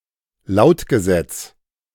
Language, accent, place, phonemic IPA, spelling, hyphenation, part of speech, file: German, Germany, Berlin, /ˈlaʊ̯tɡəˌzɛt͡s/, Lautgesetz, Laut‧ge‧setz, noun, De-Lautgesetz.ogg
- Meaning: sound law